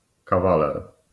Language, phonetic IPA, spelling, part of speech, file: Polish, [kaˈvalɛr], kawaler, noun, LL-Q809 (pol)-kawaler.wav